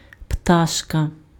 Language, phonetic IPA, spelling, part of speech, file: Ukrainian, [ˈptaʃkɐ], пташка, noun, Uk-пташка.ogg
- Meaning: diminutive of птах (ptax, “bird, birdie”)